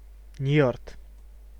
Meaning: Njord
- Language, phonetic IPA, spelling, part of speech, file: Russian, [nʲjɵrt], Ньёрд, proper noun, Ru-Ньёрд.ogg